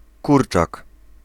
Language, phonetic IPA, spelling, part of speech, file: Polish, [ˈkurt͡ʃak], kurczak, noun, Pl-kurczak.ogg